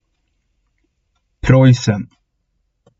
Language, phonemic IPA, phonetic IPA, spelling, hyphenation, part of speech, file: Swedish, /¹prɔjsɛn/, [¹prɔjːs̪ən̪], Preussen, Preuss‧en, proper noun, Sv-Preussen.ogg
- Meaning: Prussia (a geographical area on the Baltic coast of Northeast Europe)